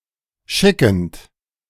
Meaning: present participle of schicken
- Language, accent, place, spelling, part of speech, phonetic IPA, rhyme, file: German, Germany, Berlin, schickend, verb, [ˈʃɪkn̩t], -ɪkn̩t, De-schickend.ogg